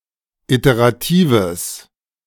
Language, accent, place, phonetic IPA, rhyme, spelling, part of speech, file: German, Germany, Berlin, [ˌiteʁaˈtiːvəs], -iːvəs, iteratives, adjective, De-iteratives.ogg
- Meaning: strong/mixed nominative/accusative neuter singular of iterativ